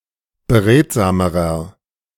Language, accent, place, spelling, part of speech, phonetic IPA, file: German, Germany, Berlin, beredsamerer, adjective, [bəˈʁeːtzaːməʁɐ], De-beredsamerer.ogg
- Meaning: inflection of beredsam: 1. strong/mixed nominative masculine singular comparative degree 2. strong genitive/dative feminine singular comparative degree 3. strong genitive plural comparative degree